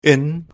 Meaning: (preposition) 1. [with dative] in, inside, within, at (inside a building) 2. [with dative] in (pertaining to) 3. [with dative] in, at, by (at the end of or during a period of time)
- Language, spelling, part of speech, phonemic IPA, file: German, in, preposition / contraction / adjective, /ʔɪn/, DE-in.OGG